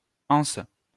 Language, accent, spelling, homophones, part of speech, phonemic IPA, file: French, France, -ance, -ence, suffix, /ɑ̃s/, LL-Q150 (fra)--ance.wav
- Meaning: -ance; forms abstract nouns